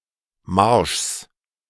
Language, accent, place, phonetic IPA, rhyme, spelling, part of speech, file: German, Germany, Berlin, [maʁʃs], -aʁʃs, Marschs, noun, De-Marschs.ogg
- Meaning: genitive singular of Marsch